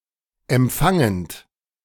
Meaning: present participle of empfangen
- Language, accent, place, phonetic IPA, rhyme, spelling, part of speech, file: German, Germany, Berlin, [ɛmˈp͡faŋənt], -aŋənt, empfangend, verb, De-empfangend.ogg